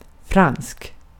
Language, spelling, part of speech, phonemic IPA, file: Swedish, fransk, adjective, /fransk/, Sv-fransk.ogg
- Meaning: French (of or pertaining to France or the French language)